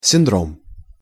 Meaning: syndrome (complex of symptoms)
- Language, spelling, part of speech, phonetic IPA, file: Russian, синдром, noun, [sʲɪnˈdrom], Ru-синдром.ogg